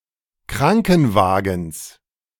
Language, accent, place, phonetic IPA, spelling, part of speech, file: German, Germany, Berlin, [ˈkʁaŋkn̩ˌvaːɡn̩s], Krankenwagens, noun, De-Krankenwagens.ogg
- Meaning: genitive singular of Krankenwagen